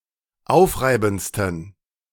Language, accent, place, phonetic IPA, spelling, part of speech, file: German, Germany, Berlin, [ˈaʊ̯fˌʁaɪ̯bn̩t͡stən], aufreibendsten, adjective, De-aufreibendsten.ogg
- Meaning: 1. superlative degree of aufreibend 2. inflection of aufreibend: strong genitive masculine/neuter singular superlative degree